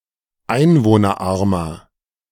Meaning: 1. comparative degree of einwohnerarm 2. inflection of einwohnerarm: strong/mixed nominative masculine singular 3. inflection of einwohnerarm: strong genitive/dative feminine singular
- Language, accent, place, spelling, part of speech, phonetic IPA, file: German, Germany, Berlin, einwohnerarmer, adjective, [ˈaɪ̯nvoːnɐˌʔaʁmɐ], De-einwohnerarmer.ogg